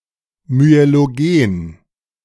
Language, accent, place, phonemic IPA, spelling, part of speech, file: German, Germany, Berlin, /myeloˈɡeːn/, myelogen, adjective, De-myelogen.ogg
- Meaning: myelogenic, myelogenous